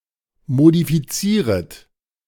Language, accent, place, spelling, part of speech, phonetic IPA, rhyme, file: German, Germany, Berlin, modifizieret, verb, [modifiˈt͡siːʁət], -iːʁət, De-modifizieret.ogg
- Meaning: second-person plural subjunctive I of modifizieren